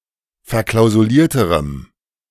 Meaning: strong dative masculine/neuter singular comparative degree of verklausuliert
- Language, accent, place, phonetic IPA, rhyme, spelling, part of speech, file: German, Germany, Berlin, [fɛɐ̯ˌklaʊ̯zuˈliːɐ̯təʁəm], -iːɐ̯təʁəm, verklausulierterem, adjective, De-verklausulierterem.ogg